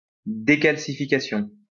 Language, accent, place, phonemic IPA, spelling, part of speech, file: French, France, Lyon, /de.kal.si.fi.ka.sjɔ̃/, décalcification, noun, LL-Q150 (fra)-décalcification.wav
- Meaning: decalcification